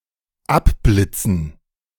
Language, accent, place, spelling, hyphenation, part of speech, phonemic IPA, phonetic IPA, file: German, Germany, Berlin, abblitzen, ab‧blit‧zen, verb, /ˈapˌblɪt͡sən/, [ˈapˌblɪt͡sn̩], De-abblitzen.ogg
- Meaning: 1. to misfire 2. to rebuff